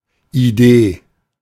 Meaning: idea
- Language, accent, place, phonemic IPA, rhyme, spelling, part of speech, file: German, Germany, Berlin, /iˈdeː/, -eː, Idee, noun, De-Idee.ogg